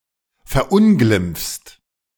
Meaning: second-person singular present of verunglimpfen
- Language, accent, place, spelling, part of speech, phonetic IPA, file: German, Germany, Berlin, verunglimpfst, verb, [fɛɐ̯ˈʔʊnɡlɪmp͡fst], De-verunglimpfst.ogg